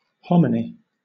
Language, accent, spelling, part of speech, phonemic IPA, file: English, Southern England, hominy, noun, /ˈhɒmɪni/, LL-Q1860 (eng)-hominy.wav
- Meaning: A food made from hulled corn (maize) kernels soaked in lye water, rinsed, then cooked and eaten; or, the rinsed kernels are dried and coarsely ground into hominy grits